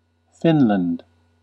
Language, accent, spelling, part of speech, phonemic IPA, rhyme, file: English, US, Finland, proper noun, /ˈfɪn.lənd/, -ɪnlənd, En-us-Finland.ogg
- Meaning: A Nordic country having borders with Sweden, Norway and Russia in Europe. Official name: Republic of Finland. Capital: Helsinki